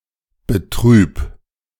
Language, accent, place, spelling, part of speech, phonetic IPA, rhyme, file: German, Germany, Berlin, betrüb, verb, [bəˈtʁyːp], -yːp, De-betrüb.ogg
- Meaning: 1. singular imperative of betrüben 2. first-person singular present of betrüben